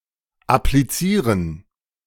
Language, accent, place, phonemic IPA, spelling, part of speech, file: German, Germany, Berlin, /apliˈt͡siːʁən/, applizieren, verb, De-applizieren.ogg
- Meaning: 1. to apply 2. to administer 3. to applique